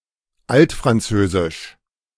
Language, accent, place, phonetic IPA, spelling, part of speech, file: German, Germany, Berlin, [ˈaltfʁanˌt͡søːzɪʃ], altfranzösisch, adjective, De-altfranzösisch.ogg
- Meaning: Old French (related to the Old French language)